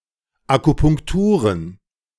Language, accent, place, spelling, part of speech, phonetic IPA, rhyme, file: German, Germany, Berlin, Akupunkturen, noun, [akupʊŋkˈtuːʁən], -uːʁən, De-Akupunkturen.ogg
- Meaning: plural of Akupunktur